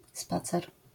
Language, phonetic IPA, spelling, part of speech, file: Polish, [ˈspat͡sɛr], spacer, noun, LL-Q809 (pol)-spacer.wav